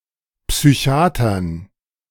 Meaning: dative plural of Psychiater
- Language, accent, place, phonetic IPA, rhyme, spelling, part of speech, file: German, Germany, Berlin, [ˌpsyˈçi̯aːtɐn], -aːtɐn, Psychiatern, noun, De-Psychiatern.ogg